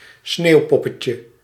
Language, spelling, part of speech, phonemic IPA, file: Dutch, sneeuwpoppetje, noun, /ˈsnewpɔpəcə/, Nl-sneeuwpoppetje.ogg
- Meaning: diminutive of sneeuwpop